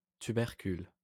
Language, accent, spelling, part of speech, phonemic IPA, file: French, France, tubercule, noun, /ty.bɛʁ.kyl/, LL-Q150 (fra)-tubercule.wav
- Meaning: 1. tubercle 2. tuber